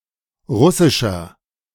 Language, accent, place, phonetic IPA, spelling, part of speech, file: German, Germany, Berlin, [ˈʁʊsɪʃɐ], russischer, adjective, De-russischer.ogg
- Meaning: 1. comparative degree of russisch 2. inflection of russisch: strong/mixed nominative masculine singular 3. inflection of russisch: strong genitive/dative feminine singular